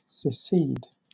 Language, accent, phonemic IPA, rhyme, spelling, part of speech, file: English, Southern England, /sɪˈsiːd/, -iːd, secede, verb, LL-Q1860 (eng)-secede.wav
- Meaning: To split from or to withdraw from membership of a political union, an alliance or an organisation